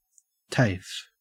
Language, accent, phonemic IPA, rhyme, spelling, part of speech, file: English, Australia, /teɪf/, -eɪf, TAFE, noun, En-au-TAFE.ogg
- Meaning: 1. Initialism of technical and further education 2. A college offering courses in technical and vocational education